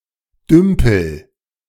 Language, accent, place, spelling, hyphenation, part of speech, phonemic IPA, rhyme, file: German, Germany, Berlin, dümpel, düm‧pel, verb, /ˈdʏmpl̩/, -ʏmpl̩, De-dümpel.ogg
- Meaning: inflection of dümpeln: 1. first-person singular present 2. singular imperative